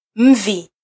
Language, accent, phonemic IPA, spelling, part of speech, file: Swahili, Kenya, /ˈm̩.vi/, mvi, noun, Sw-ke-mvi.flac
- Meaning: 1. grey hair 2. arrow